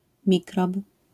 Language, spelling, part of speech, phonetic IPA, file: Polish, mikrob, noun, [ˈmʲikrɔp], LL-Q809 (pol)-mikrob.wav